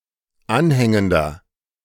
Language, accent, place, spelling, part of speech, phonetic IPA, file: German, Germany, Berlin, anhängender, adjective, [ˈanˌhɛŋəndɐ], De-anhängender.ogg
- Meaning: inflection of anhängend: 1. strong/mixed nominative masculine singular 2. strong genitive/dative feminine singular 3. strong genitive plural